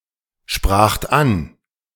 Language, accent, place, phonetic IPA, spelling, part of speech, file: German, Germany, Berlin, [ˌʃpʁaːxt ˈan], spracht an, verb, De-spracht an.ogg
- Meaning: second-person plural preterite of ansprechen